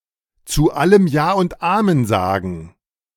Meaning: to be a yes man
- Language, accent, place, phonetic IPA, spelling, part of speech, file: German, Germany, Berlin, [t͡suː ˈaləm jaː ʊnt ˈaːmɛn ˈzaɡn̩], zu allem Ja und Amen sagen, phrase, De-zu allem Ja und Amen sagen.ogg